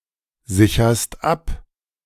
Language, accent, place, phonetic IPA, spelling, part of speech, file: German, Germany, Berlin, [ˌzɪçɐst ˈap], sicherst ab, verb, De-sicherst ab.ogg
- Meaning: second-person singular present of absichern